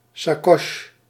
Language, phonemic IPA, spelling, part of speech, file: Dutch, /saˈkɔʃ(ə)/, sacoche, noun, Nl-sacoche.ogg
- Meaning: handbag